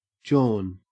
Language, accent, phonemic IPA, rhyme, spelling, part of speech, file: English, Australia, /d͡ʒɔːn/, -ɔːn, jawn, verb / noun, En-au-jawn.ogg
- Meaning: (verb) Obsolete form of yawn; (noun) 1. Something; a thing; any object, place, or person 2. A woman